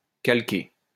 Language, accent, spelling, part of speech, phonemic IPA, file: French, France, calquer, verb, /kal.ke/, LL-Q150 (fra)-calquer.wav
- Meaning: 1. to model, to imitate, to copy 2. to trace, to copy onto a sheet of paper superimposed over the original, by drawing over its lines